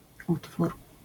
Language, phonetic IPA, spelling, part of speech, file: Polish, [ˈutfur], utwór, noun, LL-Q809 (pol)-utwór.wav